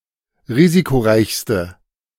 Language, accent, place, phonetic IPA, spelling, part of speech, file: German, Germany, Berlin, [ˈʁiːzikoˌʁaɪ̯çstə], risikoreichste, adjective, De-risikoreichste.ogg
- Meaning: inflection of risikoreich: 1. strong/mixed nominative/accusative feminine singular superlative degree 2. strong nominative/accusative plural superlative degree